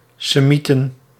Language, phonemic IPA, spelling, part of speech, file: Dutch, /seˈmitə(n)/, Semieten, noun, Nl-Semieten.ogg
- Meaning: plural of Semiet